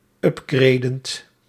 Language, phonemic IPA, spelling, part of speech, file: Dutch, /ˈʏp.ɡrɛi̯.dənt/, upgradend, verb, Nl-upgradend.ogg
- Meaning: present participle of upgraden